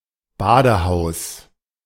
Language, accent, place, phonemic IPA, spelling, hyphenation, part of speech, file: German, Germany, Berlin, /ˈbaːdəˌhaʊ̯s/, Badehaus, Ba‧de‧haus, noun, De-Badehaus.ogg
- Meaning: bathhouse